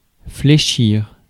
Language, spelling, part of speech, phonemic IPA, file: French, fléchir, verb, /fle.ʃiʁ/, Fr-fléchir.ogg
- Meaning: 1. to bend, to fold 2. to bend, to bend over 3. to flex (eg. a muscle) 4. to provoke pity